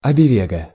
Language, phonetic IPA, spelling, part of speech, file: Russian, [ɐbɨˈvɛɡə], абевега, noun, Ru-абевега.ogg
- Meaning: alphabet, ABC